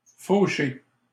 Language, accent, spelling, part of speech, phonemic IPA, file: French, Canada, fauché, adjective / verb, /fo.ʃe/, LL-Q150 (fra)-fauché.wav
- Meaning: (adjective) skint, broke or otherwise lacking money; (verb) past participle of faucher